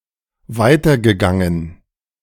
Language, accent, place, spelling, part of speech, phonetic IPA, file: German, Germany, Berlin, weitergegangen, verb, [ˈvaɪ̯tɐɡəˌɡaŋən], De-weitergegangen.ogg
- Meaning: past participle of weitergehen